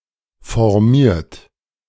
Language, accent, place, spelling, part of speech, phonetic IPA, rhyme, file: German, Germany, Berlin, formiert, verb, [fɔʁˈmiːɐ̯t], -iːɐ̯t, De-formiert.ogg
- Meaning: 1. past participle of formieren 2. inflection of formieren: third-person singular present 3. inflection of formieren: second-person plural present 4. inflection of formieren: plural imperative